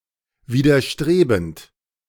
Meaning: present participle of widerstreben
- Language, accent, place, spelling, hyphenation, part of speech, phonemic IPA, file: German, Germany, Berlin, widerstrebend, wi‧der‧stre‧bend, verb, /viːdɐˈʃtʁeːbənt/, De-widerstrebend.ogg